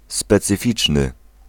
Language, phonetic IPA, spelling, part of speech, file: Polish, [ˌspɛt͡sɨˈfʲit͡ʃnɨ], specyficzny, adjective, Pl-specyficzny.ogg